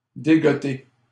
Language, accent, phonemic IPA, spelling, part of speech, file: French, Canada, /de.ɡɔ.te/, dégoter, verb, LL-Q150 (fra)-dégoter.wav
- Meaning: to dig up